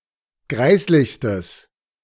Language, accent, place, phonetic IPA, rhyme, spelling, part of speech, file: German, Germany, Berlin, [ˈɡʁaɪ̯slɪçstəs], -aɪ̯slɪçstəs, greislichstes, adjective, De-greislichstes.ogg
- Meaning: strong/mixed nominative/accusative neuter singular superlative degree of greislich